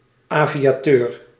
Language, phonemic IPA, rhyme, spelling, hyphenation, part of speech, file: Dutch, /ˌaː.vi.aːˈtøːr/, -øːr, aviateur, avi‧a‧teur, noun, Nl-aviateur.ogg
- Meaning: aviator